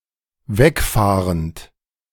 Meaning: present participle of wegfahren
- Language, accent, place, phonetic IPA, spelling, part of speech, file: German, Germany, Berlin, [ˈvɛkˌfaːʁənt], wegfahrend, verb, De-wegfahrend.ogg